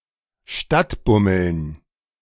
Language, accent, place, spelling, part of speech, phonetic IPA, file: German, Germany, Berlin, Stadtbummeln, noun, [ˈʃtatˌbʊml̩n], De-Stadtbummeln.ogg
- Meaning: dative plural of Stadtbummel